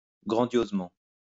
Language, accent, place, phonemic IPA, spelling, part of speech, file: French, France, Lyon, /ɡʁɑ̃.djoz.mɑ̃/, grandiosement, adverb, LL-Q150 (fra)-grandiosement.wav
- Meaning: grandiosely